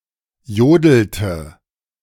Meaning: inflection of jodeln: 1. first/third-person singular preterite 2. first/third-person singular subjunctive II
- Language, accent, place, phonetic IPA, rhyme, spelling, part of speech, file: German, Germany, Berlin, [ˈjoːdl̩tə], -oːdl̩tə, jodelte, verb, De-jodelte.ogg